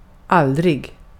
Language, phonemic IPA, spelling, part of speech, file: Swedish, /²alːdrɪ(ɡ)/, aldrig, adverb, Sv-aldrig.ogg
- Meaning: never